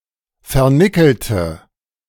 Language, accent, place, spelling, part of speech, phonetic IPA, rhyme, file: German, Germany, Berlin, vernickelte, adjective / verb, [fɛɐ̯ˈnɪkl̩tə], -ɪkl̩tə, De-vernickelte.ogg
- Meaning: inflection of vernickelt: 1. strong/mixed nominative/accusative feminine singular 2. strong nominative/accusative plural 3. weak nominative all-gender singular